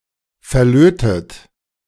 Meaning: past participle of verlöten
- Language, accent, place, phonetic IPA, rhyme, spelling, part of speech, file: German, Germany, Berlin, [fɛɐ̯ˈløːtət], -øːtət, verlötet, verb, De-verlötet.ogg